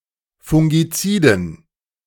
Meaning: dative plural of Fungizid
- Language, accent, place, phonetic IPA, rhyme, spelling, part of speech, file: German, Germany, Berlin, [fʊŋɡiˈt͡siːdn̩], -iːdn̩, Fungiziden, noun, De-Fungiziden.ogg